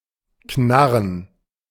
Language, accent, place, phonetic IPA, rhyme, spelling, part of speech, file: German, Germany, Berlin, [ˈknaʁən], -aʁən, knarren, verb, De-knarren.ogg
- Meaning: to creak, to squeak (of a floor, door, stair, etc.)